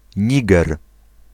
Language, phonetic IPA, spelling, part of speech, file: Polish, [ˈɲiɡɛr], Niger, proper noun, Pl-Niger.ogg